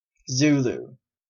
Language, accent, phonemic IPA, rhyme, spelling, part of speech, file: English, Canada, /ˈzuːluː/, -uːluː, Zulu, noun / proper noun / adjective, En-ca-Zulu.oga
- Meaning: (noun) 1. A member of an African ethnic group living mainly in the KwaZulu-Natal Province in eastern South Africa 2. Any black person 3. Time along the prime meridian; UTC; Zulu time